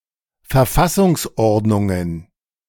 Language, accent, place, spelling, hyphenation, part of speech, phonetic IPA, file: German, Germany, Berlin, Verfassungsordnungen, Ver‧fas‧sungs‧ord‧nun‧gen, noun, [fɛɐ̯ˈfasʊŋsˌʔɔʁdnʊŋən], De-Verfassungsordnungen.ogg
- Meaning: plural of Verfassungsordnung